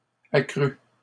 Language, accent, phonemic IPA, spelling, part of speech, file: French, Canada, /a.kʁy/, accrus, verb, LL-Q150 (fra)-accrus.wav
- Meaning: 1. masculine plural of accru 2. first/second-person singular past historic of accroître